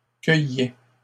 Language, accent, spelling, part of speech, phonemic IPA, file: French, Canada, cueillaient, verb, /kœ.jɛ/, LL-Q150 (fra)-cueillaient.wav
- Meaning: third-person plural imperfect indicative of cueillir